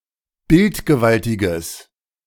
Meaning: strong/mixed nominative/accusative neuter singular of bildgewaltig
- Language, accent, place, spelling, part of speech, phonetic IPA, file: German, Germany, Berlin, bildgewaltiges, adjective, [ˈbɪltɡəˌvaltɪɡəs], De-bildgewaltiges.ogg